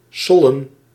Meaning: 1. to throw back and forth (of a ball) 2. to play, to mess
- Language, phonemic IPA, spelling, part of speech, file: Dutch, /ˈsɔlə(n)/, sollen, verb, Nl-sollen.ogg